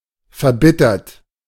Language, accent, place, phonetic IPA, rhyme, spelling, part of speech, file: German, Germany, Berlin, [fɛɐ̯ˈbɪtɐt], -ɪtɐt, verbittert, adjective / verb, De-verbittert.ogg
- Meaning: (verb) past participle of verbittern; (adjective) embittered, bitter, resentful, acerbated; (adverb) bitterly